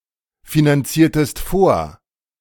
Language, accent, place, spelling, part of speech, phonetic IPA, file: German, Germany, Berlin, finanziertest vor, verb, [finanˌt͡siːɐ̯təst ˈfoːɐ̯], De-finanziertest vor.ogg
- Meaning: inflection of vorfinanzieren: 1. second-person singular preterite 2. second-person singular subjunctive II